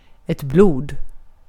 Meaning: blood
- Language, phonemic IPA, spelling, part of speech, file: Swedish, /bluːd/, blod, noun, Sv-blod.ogg